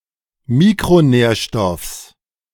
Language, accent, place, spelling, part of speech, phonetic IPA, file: German, Germany, Berlin, Mikronährstoffs, noun, [ˈmiːkʁoˌnɛːɐ̯ʃtɔfs], De-Mikronährstoffs.ogg
- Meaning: genitive singular of Mikronährstoff